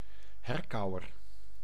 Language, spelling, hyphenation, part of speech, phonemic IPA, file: Dutch, herkauwer, her‧kau‧wer, noun, /ˈɦɛrkɑu̯ər/, Nl-herkauwer.ogg
- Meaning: ruminant (animal which chews cud)